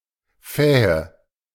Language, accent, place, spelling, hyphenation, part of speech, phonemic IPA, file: German, Germany, Berlin, Fähe, Fä‧he, noun, /ˈfɛːə/, De-Fähe.ogg
- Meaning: female of a fox, wolf, badger or marten